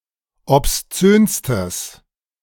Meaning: strong/mixed nominative/accusative neuter singular superlative degree of obszön
- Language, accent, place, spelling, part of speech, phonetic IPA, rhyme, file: German, Germany, Berlin, obszönstes, adjective, [ɔpsˈt͡søːnstəs], -øːnstəs, De-obszönstes.ogg